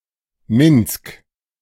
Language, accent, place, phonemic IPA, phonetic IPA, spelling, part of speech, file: German, Germany, Berlin, /mɪnsk/, [mɪnt͡sk], Minsk, proper noun, De-Minsk.ogg
- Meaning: Minsk (the capital city of Belarus)